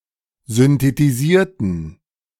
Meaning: inflection of synthetisieren: 1. first/third-person plural preterite 2. first/third-person plural subjunctive II
- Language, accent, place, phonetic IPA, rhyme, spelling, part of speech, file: German, Germany, Berlin, [zʏntetiˈziːɐ̯tn̩], -iːɐ̯tn̩, synthetisierten, adjective / verb, De-synthetisierten.ogg